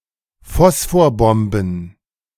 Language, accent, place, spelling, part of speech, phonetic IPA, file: German, Germany, Berlin, Phosphorbomben, noun, [ˈfɔsfoːɐ̯ˌbɔmbn̩], De-Phosphorbomben.ogg
- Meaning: plural of Phosphorbombe